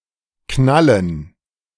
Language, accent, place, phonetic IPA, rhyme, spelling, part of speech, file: German, Germany, Berlin, [ˈknalən], -alən, Knallen, noun, De-Knallen.ogg
- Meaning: dative plural of Knall